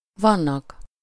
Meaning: third-person plural indicative present indefinite of van
- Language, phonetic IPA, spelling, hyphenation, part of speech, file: Hungarian, [ˈvɒnːɒk], vannak, van‧nak, verb, Hu-vannak.ogg